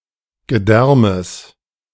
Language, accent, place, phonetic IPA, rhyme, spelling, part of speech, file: German, Germany, Berlin, [ɡəˈdɛʁməs], -ɛʁməs, Gedärmes, noun, De-Gedärmes.ogg
- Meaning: genitive singular of Gedärm